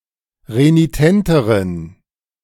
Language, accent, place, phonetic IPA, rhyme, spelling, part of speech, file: German, Germany, Berlin, [ʁeniˈtɛntəʁən], -ɛntəʁən, renitenteren, adjective, De-renitenteren.ogg
- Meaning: inflection of renitent: 1. strong genitive masculine/neuter singular comparative degree 2. weak/mixed genitive/dative all-gender singular comparative degree